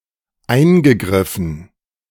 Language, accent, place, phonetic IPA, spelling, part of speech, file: German, Germany, Berlin, [ˈaɪ̯nɡəˌɡʁɪfn̩], eingegriffen, verb, De-eingegriffen.ogg
- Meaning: past participle of eingreifen